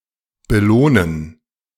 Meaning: to reward
- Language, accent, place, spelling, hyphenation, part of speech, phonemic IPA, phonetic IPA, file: German, Germany, Berlin, belohnen, be‧loh‧nen, verb, /bəˈloːnən/, [bəˈloːn̩], De-belohnen.ogg